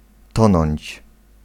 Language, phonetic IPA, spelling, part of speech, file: Polish, [ˈtɔ̃nɔ̃ɲt͡ɕ], tonąć, verb, Pl-tonąć.ogg